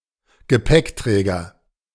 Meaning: 1. porter, luggage carrier 2. rack, luggage rack (frame on a vehicle that enables fastening of luggage)
- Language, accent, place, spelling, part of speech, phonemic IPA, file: German, Germany, Berlin, Gepäckträger, noun, /ɡəˈpɛkˌtʁɛːɡɐ/, De-Gepäckträger.ogg